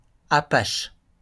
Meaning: 1. Apache (a web server) 2. Apache (a town in Caddo County, Oklahoma, United States) 3. Apache (a member of the tribe)
- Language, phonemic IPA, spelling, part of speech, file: French, /a.paʃ/, Apache, proper noun, LL-Q150 (fra)-Apache.wav